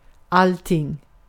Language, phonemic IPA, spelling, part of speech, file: Swedish, /ˈaltɪŋ/, allting, adverb / noun, Sv-allting.ogg
- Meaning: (adverb) everything; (noun) a thing (governing assembly) concerning all free men within a certain geographic area